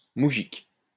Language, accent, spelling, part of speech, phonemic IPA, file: French, France, moujik, noun, /mu.ʒik/, LL-Q150 (fra)-moujik.wav
- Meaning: mujik